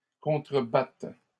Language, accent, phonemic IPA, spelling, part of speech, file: French, Canada, /kɔ̃.tʁə.bat/, contrebattent, verb, LL-Q150 (fra)-contrebattent.wav
- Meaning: third-person plural present indicative/subjunctive of contrebattre